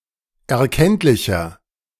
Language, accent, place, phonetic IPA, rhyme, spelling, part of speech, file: German, Germany, Berlin, [ɛɐ̯ˈkɛntlɪçɐ], -ɛntlɪçɐ, erkenntlicher, adjective, De-erkenntlicher.ogg
- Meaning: 1. comparative degree of erkenntlich 2. inflection of erkenntlich: strong/mixed nominative masculine singular 3. inflection of erkenntlich: strong genitive/dative feminine singular